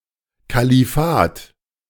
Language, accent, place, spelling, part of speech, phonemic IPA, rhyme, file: German, Germany, Berlin, Kalifat, noun, /kaliˈfaːt/, -aːt, De-Kalifat.ogg
- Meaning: caliphate